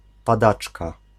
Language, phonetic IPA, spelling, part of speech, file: Polish, [paˈdat͡ʃka], padaczka, noun, Pl-padaczka.ogg